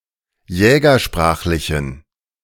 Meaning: inflection of jägersprachlich: 1. strong genitive masculine/neuter singular 2. weak/mixed genitive/dative all-gender singular 3. strong/weak/mixed accusative masculine singular 4. strong dative plural
- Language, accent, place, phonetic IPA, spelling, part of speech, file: German, Germany, Berlin, [ˈjɛːɡɐˌʃpʁaːxlɪçn̩], jägersprachlichen, adjective, De-jägersprachlichen.ogg